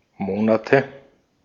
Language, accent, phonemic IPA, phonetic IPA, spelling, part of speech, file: German, Austria, /ˈmoːnatə/, [ˈmoːnatʰə], Monate, noun, De-at-Monate.ogg
- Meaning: 1. nominative/accusative/genitive plural of Monat 2. dative singular of Monat